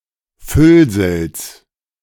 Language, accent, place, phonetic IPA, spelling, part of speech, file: German, Germany, Berlin, [ˈfʏlzl̩s], Füllsels, noun, De-Füllsels.ogg
- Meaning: genitive singular of Füllsel